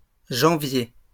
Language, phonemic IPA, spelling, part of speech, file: French, /ʒɑ̃.vje/, janviers, noun, LL-Q150 (fra)-janviers.wav
- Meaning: plural of janvier